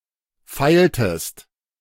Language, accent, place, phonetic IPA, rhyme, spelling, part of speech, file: German, Germany, Berlin, [ˈfaɪ̯ltəst], -aɪ̯ltəst, feiltest, verb, De-feiltest.ogg
- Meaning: inflection of feilen: 1. second-person singular preterite 2. second-person singular subjunctive II